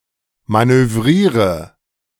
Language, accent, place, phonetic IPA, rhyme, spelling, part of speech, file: German, Germany, Berlin, [ˌmanøˈvʁiːʁə], -iːʁə, manövriere, verb, De-manövriere.ogg
- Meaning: inflection of manövrieren: 1. first-person singular present 2. singular imperative 3. first/third-person singular subjunctive I